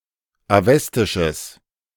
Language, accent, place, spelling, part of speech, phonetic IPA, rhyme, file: German, Germany, Berlin, awestisches, adjective, [aˈvɛstɪʃəs], -ɛstɪʃəs, De-awestisches.ogg
- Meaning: strong/mixed nominative/accusative neuter singular of awestisch